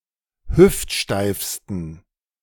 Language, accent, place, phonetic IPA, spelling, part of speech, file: German, Germany, Berlin, [ˈhʏftˌʃtaɪ̯fstn̩], hüftsteifsten, adjective, De-hüftsteifsten.ogg
- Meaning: 1. superlative degree of hüftsteif 2. inflection of hüftsteif: strong genitive masculine/neuter singular superlative degree